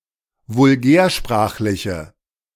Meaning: inflection of vulgärsprachlich: 1. strong/mixed nominative/accusative feminine singular 2. strong nominative/accusative plural 3. weak nominative all-gender singular
- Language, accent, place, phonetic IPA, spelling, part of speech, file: German, Germany, Berlin, [vʊlˈɡɛːɐ̯ˌʃpʁaːxlɪçə], vulgärsprachliche, adjective, De-vulgärsprachliche.ogg